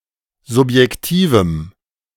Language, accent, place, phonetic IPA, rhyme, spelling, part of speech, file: German, Germany, Berlin, [zʊpjɛkˈtiːvm̩], -iːvm̩, subjektivem, adjective, De-subjektivem.ogg
- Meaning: strong dative masculine/neuter singular of subjektiv